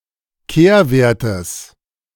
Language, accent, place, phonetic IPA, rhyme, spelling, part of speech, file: German, Germany, Berlin, [ˈkeːɐ̯ˌveːɐ̯təs], -eːɐ̯veːɐ̯təs, Kehrwertes, noun, De-Kehrwertes.ogg
- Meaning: genitive of Kehrwert